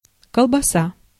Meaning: 1. sausage 2. large sausage (edible uncooked) 3. penis
- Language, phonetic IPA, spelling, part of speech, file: Russian, [kəɫbɐˈsa], колбаса, noun, Ru-колбаса.ogg